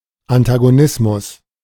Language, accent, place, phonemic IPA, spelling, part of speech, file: German, Germany, Berlin, /antaɡoˈnɪsmʊs/, Antagonismus, noun, De-Antagonismus.ogg
- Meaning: antagonism